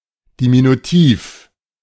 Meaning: diminutive
- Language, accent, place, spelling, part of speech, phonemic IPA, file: German, Germany, Berlin, diminutiv, adjective, /diminuˈtiːf/, De-diminutiv.ogg